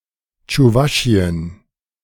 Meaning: Chuvashia (a republic and federal subject of Russia, located in Eastern Europe)
- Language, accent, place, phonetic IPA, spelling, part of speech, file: German, Germany, Berlin, [tʃuˈvaʃiən], Tschuwaschien, proper noun, De-Tschuwaschien.ogg